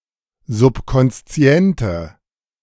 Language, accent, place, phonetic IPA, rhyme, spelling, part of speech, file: German, Germany, Berlin, [zʊpkɔnsˈt͡si̯ɛntə], -ɛntə, subkonsziente, adjective, De-subkonsziente.ogg
- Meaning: inflection of subkonszient: 1. strong/mixed nominative/accusative feminine singular 2. strong nominative/accusative plural 3. weak nominative all-gender singular